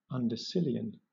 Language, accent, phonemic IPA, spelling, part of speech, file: English, Southern England, /ˌʌndəˈsɪl.i.ən/, undecillion, numeral, LL-Q1860 (eng)-undecillion.wav
- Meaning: 1. 10³⁶ 2. 10⁶⁶